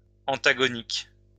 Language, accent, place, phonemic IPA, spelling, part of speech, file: French, France, Lyon, /ɑ̃.ta.ɡɔ.nik/, antagonique, adjective, LL-Q150 (fra)-antagonique.wav
- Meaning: antagonistic